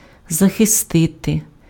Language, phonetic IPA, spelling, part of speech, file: Ukrainian, [zɐxeˈstɪte], захистити, verb, Uk-захистити.ogg
- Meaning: 1. to defend 2. to protect 3. to shield